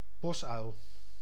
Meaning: tawny owl (Strix aluco)
- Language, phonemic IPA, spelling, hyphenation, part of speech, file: Dutch, /ˈbɔs.œy̯l/, bosuil, bos‧uil, noun, Nl-bosuil.ogg